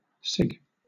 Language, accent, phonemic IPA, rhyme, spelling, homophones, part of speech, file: English, Southern England, /sɪɡ/, -ɪɡ, sig, cig, noun / verb, LL-Q1860 (eng)-sig.wav
- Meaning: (noun) A signature, especially one on emails or newsgroup postings; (verb) To good-naturedly make fun of someone; to signify; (noun) Sigma (in the names of Greek-letter organizations)